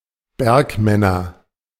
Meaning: nominative/accusative/genitive plural of Bergmann
- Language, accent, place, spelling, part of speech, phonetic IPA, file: German, Germany, Berlin, Bergmänner, noun, [ˈbɛʁkˌmɛnɐ], De-Bergmänner.ogg